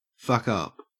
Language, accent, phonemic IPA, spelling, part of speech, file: English, Australia, /ˌfʌkˈʌp/, fuck up, verb / interjection, En-au-fuck up.ogg
- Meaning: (verb) 1. To make a mistake, to go wrong 2. To botch or make a mess of 3. To injure or damage badly 4. To cause someone to become intoxicated or otherwise alter someone's mental state